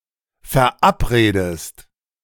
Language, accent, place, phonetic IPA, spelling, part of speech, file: German, Germany, Berlin, [fɛɐ̯ˈʔapˌʁeːdəst], verabredest, verb, De-verabredest.ogg
- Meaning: inflection of verabreden: 1. second-person singular present 2. second-person singular subjunctive I